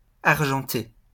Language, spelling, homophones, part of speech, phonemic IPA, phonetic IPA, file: French, argenté, argentée / argentées / argentés, adjective, /aʁ.ʒɑ̃.te/, [aɾ.ʒɑ̃.te], LL-Q150 (fra)-argenté.wav
- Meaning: 1. silver (having a color/colour like silver), silvery 2. silvered (coated with silver) 3. rich, wealthy, moneyed